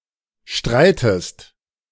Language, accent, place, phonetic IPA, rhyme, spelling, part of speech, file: German, Germany, Berlin, [ˈʃtʁaɪ̯təst], -aɪ̯təst, streitest, verb, De-streitest.ogg
- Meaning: inflection of streiten: 1. second-person singular present 2. second-person singular subjunctive I